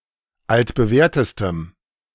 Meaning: strong dative masculine/neuter singular superlative degree of altbewährt
- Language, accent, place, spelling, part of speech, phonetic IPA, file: German, Germany, Berlin, altbewährtestem, adjective, [ˌaltbəˈvɛːɐ̯təstəm], De-altbewährtestem.ogg